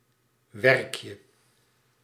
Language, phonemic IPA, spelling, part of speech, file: Dutch, /ˈwɛrᵊkjə/, werkje, noun, Nl-werkje.ogg
- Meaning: diminutive of werk